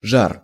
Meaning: 1. heat 2. ardour 3. fever, high temperature 4. embers
- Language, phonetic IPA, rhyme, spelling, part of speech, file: Russian, [ʐar], -ar, жар, noun, Ru-жар.ogg